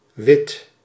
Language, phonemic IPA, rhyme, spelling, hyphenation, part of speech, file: Dutch, /ʋɪt/, -ɪt, wit, wit, adjective / noun / verb, Nl-wit.ogg
- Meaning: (adjective) 1. white 2. legally obtained by having paid the appropriate taxes 3. having a white skin colour, light-skinned (see usage note) 4. having a relatively light skin colour